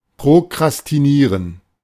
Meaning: to put off; to delay taking action; to wait until later, to procrastinate
- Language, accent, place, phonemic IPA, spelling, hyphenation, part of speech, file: German, Germany, Berlin, /pʁokʁastiˈniːʁən/, prokrastinieren, pro‧kras‧ti‧nie‧ren, verb, De-prokrastinieren.ogg